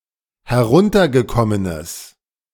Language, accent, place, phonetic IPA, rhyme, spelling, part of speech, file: German, Germany, Berlin, [hɛˈʁʊntɐɡəˌkɔmənəs], -ʊntɐɡəkɔmənəs, heruntergekommenes, adjective, De-heruntergekommenes.ogg
- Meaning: strong/mixed nominative/accusative neuter singular of heruntergekommen